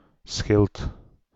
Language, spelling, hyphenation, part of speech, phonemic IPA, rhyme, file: Dutch, schild, schild, noun, /sxɪlt/, -ɪlt, Nl-schild.ogg
- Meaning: 1. shield 2. shell, carapace, cuttlebone or scale 3. a protective balustrade behind and on both sides of the bowsprit 4. signboard